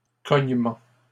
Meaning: plural of cognement
- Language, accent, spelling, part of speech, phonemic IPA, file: French, Canada, cognements, noun, /kɔɲ.mɑ̃/, LL-Q150 (fra)-cognements.wav